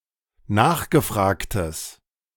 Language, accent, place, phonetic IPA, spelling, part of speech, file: German, Germany, Berlin, [ˈnaːxɡəˌfʁaːktəs], nachgefragtes, adjective, De-nachgefragtes.ogg
- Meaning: strong/mixed nominative/accusative neuter singular of nachgefragt